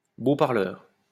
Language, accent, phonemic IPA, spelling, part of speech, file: French, France, /bo paʁ.lœʁ/, beau parleur, noun, LL-Q150 (fra)-beau parleur.wav
- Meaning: sweet-talker, smooth talker, charmer, persuader, silver-tongued devil